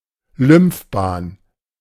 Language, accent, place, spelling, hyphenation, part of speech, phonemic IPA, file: German, Germany, Berlin, Lymphbahn, Lymph‧bahn, noun, /ˈlʏmfˌbaːn/, De-Lymphbahn.ogg
- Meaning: lymph vessel